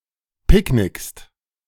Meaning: second-person singular present of picknicken
- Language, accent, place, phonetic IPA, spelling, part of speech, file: German, Germany, Berlin, [ˈpɪkˌnɪkst], picknickst, verb, De-picknickst.ogg